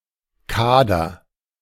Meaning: 1. squad (body of the players of a team or club) 2. cadre (body of officers forming a new regiment)
- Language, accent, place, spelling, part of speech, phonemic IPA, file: German, Germany, Berlin, Kader, noun, /ˈkaːdɐ/, De-Kader.ogg